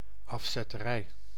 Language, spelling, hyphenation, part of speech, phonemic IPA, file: Dutch, afzetterij, af‧zet‧te‧rij, noun, /ˌɑfsɛtəˈrɛi/, Nl-afzetterij.ogg
- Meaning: 1. rip-off 2. extortion